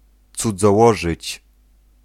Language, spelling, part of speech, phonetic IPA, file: Polish, cudzołożyć, verb, [ˌt͡sud͡zɔˈwɔʒɨt͡ɕ], Pl-cudzołożyć.ogg